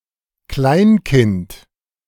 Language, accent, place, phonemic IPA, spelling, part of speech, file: German, Germany, Berlin, /ˈklaɪ̯nˌkɪnt/, Kleinkind, noun, De-Kleinkind.ogg
- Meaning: child under six years old, pre-school-age child